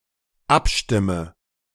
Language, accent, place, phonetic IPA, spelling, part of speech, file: German, Germany, Berlin, [ˈapˌʃtɪmə], abstimme, verb, De-abstimme.ogg
- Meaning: inflection of abstimmen: 1. first-person singular dependent present 2. first/third-person singular dependent subjunctive I